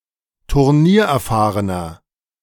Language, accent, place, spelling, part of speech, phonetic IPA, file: German, Germany, Berlin, turniererfahrener, adjective, [tʊʁˈniːɐ̯ʔɛɐ̯ˌfaːʁənɐ], De-turniererfahrener.ogg
- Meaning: 1. comparative degree of turniererfahren 2. inflection of turniererfahren: strong/mixed nominative masculine singular 3. inflection of turniererfahren: strong genitive/dative feminine singular